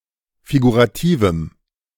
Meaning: strong dative masculine/neuter singular of figurativ
- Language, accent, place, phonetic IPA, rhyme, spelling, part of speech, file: German, Germany, Berlin, [fiɡuʁaˈtiːvm̩], -iːvm̩, figurativem, adjective, De-figurativem.ogg